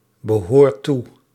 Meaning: inflection of toebehoren: 1. second/third-person singular present indicative 2. plural imperative
- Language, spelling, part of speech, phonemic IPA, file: Dutch, behoort toe, verb, /bəˈhort ˈtu/, Nl-behoort toe.ogg